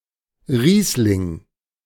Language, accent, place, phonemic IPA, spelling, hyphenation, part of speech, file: German, Germany, Berlin, /ˈʁiːslɪŋ/, Riesling, Ries‧ling, noun, De-Riesling.ogg
- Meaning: 1. Riesling grape (a variety of grape grown especially in Germany and other relatively cool areas) 2. Riesling (a white wine made from Riesling grapes)